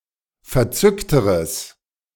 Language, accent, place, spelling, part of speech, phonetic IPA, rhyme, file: German, Germany, Berlin, verzückteres, adjective, [fɛɐ̯ˈt͡sʏktəʁəs], -ʏktəʁəs, De-verzückteres.ogg
- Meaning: strong/mixed nominative/accusative neuter singular comparative degree of verzückt